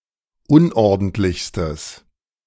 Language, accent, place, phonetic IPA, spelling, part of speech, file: German, Germany, Berlin, [ˈʊnʔɔʁdn̩tlɪçstəs], unordentlichstes, adjective, De-unordentlichstes.ogg
- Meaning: strong/mixed nominative/accusative neuter singular superlative degree of unordentlich